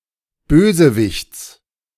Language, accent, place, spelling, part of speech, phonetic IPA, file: German, Germany, Berlin, Bösewichts, noun, [ˈbøːzəˌvɪçt͡s], De-Bösewichts.ogg
- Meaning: genitive singular of Bösewicht